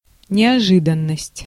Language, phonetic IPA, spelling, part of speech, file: Russian, [nʲɪɐˈʐɨdən(ː)əsʲtʲ], неожиданность, noun, Ru-неожиданность.ogg
- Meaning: surprise